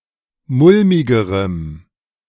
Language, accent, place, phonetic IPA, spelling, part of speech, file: German, Germany, Berlin, [ˈmʊlmɪɡəʁəm], mulmigerem, adjective, De-mulmigerem.ogg
- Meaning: strong dative masculine/neuter singular comparative degree of mulmig